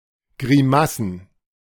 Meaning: plural of Grimasse
- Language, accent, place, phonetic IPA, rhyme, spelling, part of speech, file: German, Germany, Berlin, [ɡʁiˈmasn̩], -asn̩, Grimassen, noun, De-Grimassen.ogg